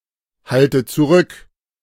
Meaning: inflection of zurückhalten: 1. first-person singular present 2. first/third-person singular subjunctive I 3. singular imperative
- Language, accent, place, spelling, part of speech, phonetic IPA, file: German, Germany, Berlin, halte zurück, verb, [ˌhaltə t͡suˈʁʏk], De-halte zurück.ogg